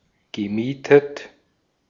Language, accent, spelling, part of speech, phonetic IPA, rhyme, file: German, Austria, gemietet, verb, [ɡəˈmiːtət], -iːtət, De-at-gemietet.ogg
- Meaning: past participle of mieten